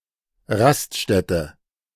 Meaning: roadhouse
- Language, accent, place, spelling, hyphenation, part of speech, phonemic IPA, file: German, Germany, Berlin, Raststätte, Rast‧stät‧te, noun, /ˈʁastˌʃtɛtə/, De-Raststätte.ogg